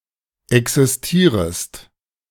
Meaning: second-person singular subjunctive I of existieren
- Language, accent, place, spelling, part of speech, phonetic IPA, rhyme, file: German, Germany, Berlin, existierest, verb, [ˌɛksɪsˈtiːʁəst], -iːʁəst, De-existierest.ogg